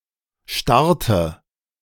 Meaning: inflection of starren: 1. first/third-person singular preterite 2. first/third-person singular subjunctive II
- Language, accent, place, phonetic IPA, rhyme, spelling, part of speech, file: German, Germany, Berlin, [ˈʃtaʁtə], -aʁtə, starrte, verb, De-starrte.ogg